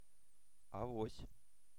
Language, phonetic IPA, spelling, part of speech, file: Russian, [ɐˈvosʲ], авось, adverb / noun, Ru-авось.ogg
- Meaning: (adverb) perhaps, maybe, possibly, may still, might yet (low certainty); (noun) blind trust in divine providence; blind faith in sheer luck; counting on a miracle